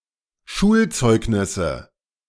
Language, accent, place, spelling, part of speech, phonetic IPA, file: German, Germany, Berlin, Schulzeugnisse, noun, [ˈʃuːlˌt͡sɔɪ̯ɡnɪsə], De-Schulzeugnisse.ogg
- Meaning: nominative/accusative/genitive plural of Schulzeugnis